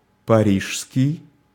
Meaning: Paris, Parisian
- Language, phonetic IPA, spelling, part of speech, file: Russian, [pɐˈrʲiʂskʲɪj], парижский, adjective, Ru-парижский.ogg